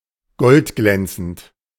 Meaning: shining like gold
- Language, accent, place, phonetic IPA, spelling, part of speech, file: German, Germany, Berlin, [ˈɡɔltˌɡlɛnt͡sn̩t], goldglänzend, adjective, De-goldglänzend.ogg